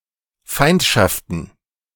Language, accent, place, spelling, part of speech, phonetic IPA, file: German, Germany, Berlin, Feindschaften, noun, [ˈfaɪ̯ntʃaftən], De-Feindschaften.ogg
- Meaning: plural of Feindschaft